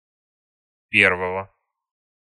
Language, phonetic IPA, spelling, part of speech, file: Russian, [ˈpʲervəvə], первого, noun, Ru-первого.ogg
- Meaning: genitive singular of пе́рвое (pérvoje)